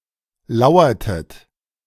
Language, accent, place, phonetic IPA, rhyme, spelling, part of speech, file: German, Germany, Berlin, [ˈlaʊ̯ɐtət], -aʊ̯ɐtət, lauertet, verb, De-lauertet.ogg
- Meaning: inflection of lauern: 1. second-person plural preterite 2. second-person plural subjunctive II